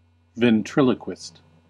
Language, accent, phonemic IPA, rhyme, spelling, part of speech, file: English, US, /vɛnˈtɹɪl.ə.kwɪst/, -ɪst, ventriloquist, noun, En-us-ventriloquist.ogg
- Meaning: A person, especially an entertainer, who practices ventriloquism